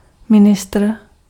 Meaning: minister (head of a government department)
- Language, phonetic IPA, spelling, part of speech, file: Czech, [ˈmɪnɪstr̩], ministr, noun, Cs-ministr.ogg